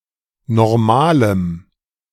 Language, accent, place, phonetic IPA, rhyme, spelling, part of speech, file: German, Germany, Berlin, [nɔʁˈmaːləm], -aːləm, normalem, adjective, De-normalem.ogg
- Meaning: strong dative masculine/neuter singular of normal